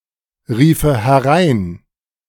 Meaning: first/third-person singular subjunctive II of hereinrufen
- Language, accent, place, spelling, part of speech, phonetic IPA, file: German, Germany, Berlin, riefe herein, verb, [ˌʁiːfə hɛˈʁaɪ̯n], De-riefe herein.ogg